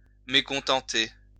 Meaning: to displease, to disgruntle
- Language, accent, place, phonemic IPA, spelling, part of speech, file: French, France, Lyon, /me.kɔ̃.tɑ̃.te/, mécontenter, verb, LL-Q150 (fra)-mécontenter.wav